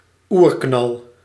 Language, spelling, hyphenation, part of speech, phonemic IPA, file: Dutch, oerknal, oer‧knal, noun, /ˈuːr.knɑl/, Nl-oerknal.ogg
- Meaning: Big Bang